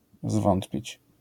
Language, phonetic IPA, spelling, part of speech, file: Polish, [ˈzvɔ̃ntpʲit͡ɕ], zwątpić, verb, LL-Q809 (pol)-zwątpić.wav